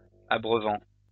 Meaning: present participle of abreuver
- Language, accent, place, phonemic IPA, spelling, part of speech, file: French, France, Lyon, /a.bʁœ.vɑ̃/, abreuvant, verb, LL-Q150 (fra)-abreuvant.wav